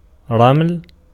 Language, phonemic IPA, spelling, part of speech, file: Arabic, /raml/, رمل, noun / adjective / verb, Ar-رمل.ogg
- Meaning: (noun) 1. sand 2. ellipsis of عِلْم الرَمْل (ʕilm ar-raml, “geomancy”) 3. verbal noun of رَمَلَ (ramala) (form I) 4. weak rain 5. a certain mode of music; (adjective) sandy; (verb) to mix sand into